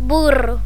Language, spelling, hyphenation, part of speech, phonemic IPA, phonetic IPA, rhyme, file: Galician, burro, bu‧rro, noun, /ˈburo/, [ˈbu.rʊ], -uro, Gl-burro.ogg
- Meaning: 1. donkey, ass 2. fool; silly 3. crane 4. trestle 5. horse 6. a card game